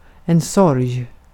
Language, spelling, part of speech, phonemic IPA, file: Swedish, sorg, noun, /sɔrj/, Sv-sorg.ogg
- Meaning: 1. sorrow, sadness (usually due to loss or other misfortune, often someone's death) 2. sorrow, sadness (usually due to loss or other misfortune, often someone's death): mourning, grief